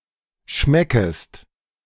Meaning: second-person singular subjunctive I of schmecken
- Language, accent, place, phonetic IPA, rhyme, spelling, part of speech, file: German, Germany, Berlin, [ˈʃmɛkəst], -ɛkəst, schmeckest, verb, De-schmeckest.ogg